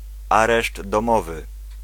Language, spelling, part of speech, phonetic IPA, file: Polish, areszt domowy, noun, [ˈarɛʒd ːɔ̃ˈmɔvɨ], Pl-areszt domowy.ogg